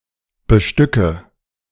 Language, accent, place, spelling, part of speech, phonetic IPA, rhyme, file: German, Germany, Berlin, bestücke, verb, [bəˈʃtʏkə], -ʏkə, De-bestücke.ogg
- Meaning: inflection of bestücken: 1. first-person singular present 2. first/third-person singular subjunctive I 3. singular imperative